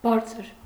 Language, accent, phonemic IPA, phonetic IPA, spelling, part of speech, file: Armenian, Eastern Armenian, /ˈbɑɾt͡sʰəɾ/, [bɑ́ɾt͡sʰəɾ], բարձր, adjective / adverb, Hy-բարձր.ogg
- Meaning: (adjective) 1. high, tall, elevated 2. loud (of voice) 3. sublime, grand, eminent; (adverb) 1. high; high up 2. loudly; aloud